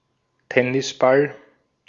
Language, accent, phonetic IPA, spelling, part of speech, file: German, Austria, [ˈtɛnɪsˌbal], Tennisball, noun, De-at-Tennisball.ogg
- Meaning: tennis ball